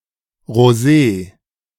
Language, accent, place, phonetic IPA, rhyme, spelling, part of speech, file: German, Germany, Berlin, [ʁoˈzeː], -eː, rosé, adjective, De-rosé.ogg
- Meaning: pale pink (in colour)